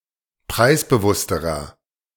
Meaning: inflection of preisbewusst: 1. strong/mixed nominative masculine singular comparative degree 2. strong genitive/dative feminine singular comparative degree 3. strong genitive plural comparative degree
- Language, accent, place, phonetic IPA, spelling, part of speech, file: German, Germany, Berlin, [ˈpʁaɪ̯sbəˌvʊstəʁɐ], preisbewussterer, adjective, De-preisbewussterer.ogg